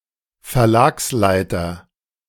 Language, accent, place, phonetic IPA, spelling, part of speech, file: German, Germany, Berlin, [fɛɐ̯ˈlaːksˌlaɪ̯tɐ], Verlagsleiter, noun, De-Verlagsleiter.ogg
- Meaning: publishing manager, publishing director